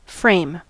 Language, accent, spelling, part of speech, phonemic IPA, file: English, US, frame, verb / noun, /ˈfɹeɪ̯m/, En-us-frame.ogg
- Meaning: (verb) 1. To fit, as for a specific end or purpose; make suitable or comfortable; adapt; adjust 2. To construct by fitting together or uniting various parts; fabricate by union of constituent parts